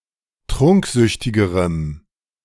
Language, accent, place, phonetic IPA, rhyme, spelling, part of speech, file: German, Germany, Berlin, [ˈtʁʊŋkˌzʏçtɪɡəʁəm], -ʊŋkzʏçtɪɡəʁəm, trunksüchtigerem, adjective, De-trunksüchtigerem.ogg
- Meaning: strong dative masculine/neuter singular comparative degree of trunksüchtig